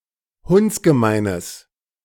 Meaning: strong/mixed nominative/accusative neuter singular of hundsgemein
- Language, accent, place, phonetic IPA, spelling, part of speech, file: German, Germany, Berlin, [ˈhʊnt͡sɡəˌmaɪ̯nəs], hundsgemeines, adjective, De-hundsgemeines.ogg